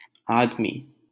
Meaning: 1. human being, person 2. man, male
- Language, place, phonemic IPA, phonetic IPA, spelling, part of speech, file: Hindi, Delhi, /ɑːd̪.miː/, [äːd̪.miː], आदमी, noun, LL-Q1568 (hin)-आदमी.wav